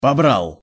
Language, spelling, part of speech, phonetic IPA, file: Russian, побрал, verb, [pɐˈbraɫ], Ru-побрал.ogg
- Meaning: masculine singular past indicative perfective of побра́ть (pobrátʹ)